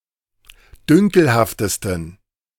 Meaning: 1. superlative degree of dünkelhaft 2. inflection of dünkelhaft: strong genitive masculine/neuter singular superlative degree
- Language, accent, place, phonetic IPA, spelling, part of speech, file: German, Germany, Berlin, [ˈdʏŋkl̩haftəstn̩], dünkelhaftesten, adjective, De-dünkelhaftesten.ogg